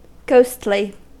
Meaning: 1. Of or pertaining to ghosts or spirits 2. Spooky; frightening 3. Relating to the soul; not carnal or secular; spiritual
- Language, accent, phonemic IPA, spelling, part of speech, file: English, US, /ˈɡoʊstli/, ghostly, adjective, En-us-ghostly.ogg